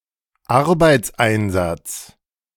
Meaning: work deployment
- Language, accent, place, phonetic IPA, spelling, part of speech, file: German, Germany, Berlin, [ˈaʁbaɪ̯t͡sˌʔaɪ̯nzat͡s], Arbeitseinsatz, noun, De-Arbeitseinsatz.ogg